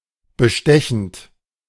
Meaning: present participle of bestechen
- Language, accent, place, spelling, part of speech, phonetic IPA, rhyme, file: German, Germany, Berlin, bestechend, adjective / verb, [bəˈʃtɛçn̩t], -ɛçn̩t, De-bestechend.ogg